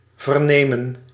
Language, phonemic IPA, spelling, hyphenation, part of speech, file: Dutch, /vərˈneː.mə(n)/, vernemen, ver‧ne‧men, verb, Nl-vernemen.ogg
- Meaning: to learn (of), to find out, to hear (about)